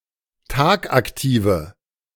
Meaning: inflection of tagaktiv: 1. strong/mixed nominative/accusative feminine singular 2. strong nominative/accusative plural 3. weak nominative all-gender singular
- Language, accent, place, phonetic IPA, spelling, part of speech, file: German, Germany, Berlin, [ˈtaːkʔakˌtiːvə], tagaktive, adjective, De-tagaktive.ogg